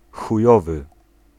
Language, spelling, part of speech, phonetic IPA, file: Polish, chujowy, adjective, [xuˈjɔvɨ], Pl-chujowy.ogg